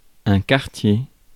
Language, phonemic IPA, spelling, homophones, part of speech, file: French, /kaʁ.tje/, quartier, cartier, noun, Fr-quartier.ogg
- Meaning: 1. quarter, district (part of town), neighbourhood 2. impoverished neighbourhood, often suburban 3. piece, chunk; segment (of fruit), quarter (of beef) 4. quarter 5. quarter, mercy